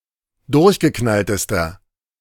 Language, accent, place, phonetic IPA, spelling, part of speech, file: German, Germany, Berlin, [ˈdʊʁçɡəˌknaltəstɐ], durchgeknalltester, adjective, De-durchgeknalltester.ogg
- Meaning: inflection of durchgeknallt: 1. strong/mixed nominative masculine singular superlative degree 2. strong genitive/dative feminine singular superlative degree